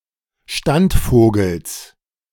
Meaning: genitive singular of Standvogel
- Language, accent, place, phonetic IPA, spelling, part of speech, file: German, Germany, Berlin, [ˈʃtantˌfoːɡl̩s], Standvogels, noun, De-Standvogels.ogg